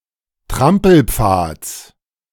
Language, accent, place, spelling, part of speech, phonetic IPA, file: German, Germany, Berlin, Trampelpfads, noun, [ˈtʁampl̩ˌp͡faːt͡s], De-Trampelpfads.ogg
- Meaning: genitive singular of Trampelpfad